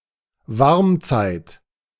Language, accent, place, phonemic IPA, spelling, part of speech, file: German, Germany, Berlin, /ˈvaʁmˌt͡saɪ̯t/, Warmzeit, noun, De-Warmzeit.ogg
- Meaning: interglacial